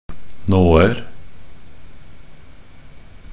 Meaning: indefinite plural of nåe
- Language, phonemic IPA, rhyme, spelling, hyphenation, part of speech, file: Norwegian Bokmål, /ˈnoːər/, -ər, nåer, nå‧er, noun, Nb-nåer.ogg